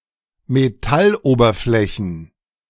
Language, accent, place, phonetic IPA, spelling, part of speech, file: German, Germany, Berlin, [meˈtalˌʔoːbɐflɛçn̩], Metalloberflächen, noun, De-Metalloberflächen.ogg
- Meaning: plural of Metalloberfläche